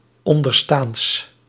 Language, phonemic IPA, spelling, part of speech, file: Dutch, /ˈɔndərstaːnts/, onderstaands, adjective, Nl-onderstaands.ogg
- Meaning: partitive of onderstaand